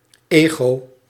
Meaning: ego, self
- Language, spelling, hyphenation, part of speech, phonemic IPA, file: Dutch, ego, ego, noun, /ˈeː.ɣoː/, Nl-ego.ogg